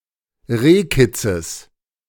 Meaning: genitive singular of Rehkitz
- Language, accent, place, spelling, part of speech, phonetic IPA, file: German, Germany, Berlin, Rehkitzes, noun, [ˈʁeːˌkɪt͡səs], De-Rehkitzes.ogg